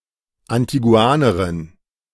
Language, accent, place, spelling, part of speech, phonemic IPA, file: German, Germany, Berlin, Antiguanerin, noun, /antiˈɡu̯aːnɐʁɪn/, De-Antiguanerin.ogg
- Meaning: Antiguan (woman from Antigua)